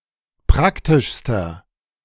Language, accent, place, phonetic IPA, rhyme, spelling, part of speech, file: German, Germany, Berlin, [ˈpʁaktɪʃstɐ], -aktɪʃstɐ, praktischster, adjective, De-praktischster.ogg
- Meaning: inflection of praktisch: 1. strong/mixed nominative masculine singular superlative degree 2. strong genitive/dative feminine singular superlative degree 3. strong genitive plural superlative degree